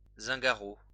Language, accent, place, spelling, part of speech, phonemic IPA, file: French, France, Lyon, zingaro, adjective, /zɛ̃.ɡa.ʁo/, LL-Q150 (fra)-zingaro.wav
- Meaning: zingaro